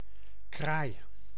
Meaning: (noun) 1. one of certain related birds of the genus Corvus or of the family Corvidae 2. synonym of zwarte kraai (“carrion crow (Corvus corone)”) 3. a person dressed in black
- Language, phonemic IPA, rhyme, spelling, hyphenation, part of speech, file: Dutch, /kraːi̯/, -aːi̯, kraai, kraai, noun / verb, Nl-kraai.ogg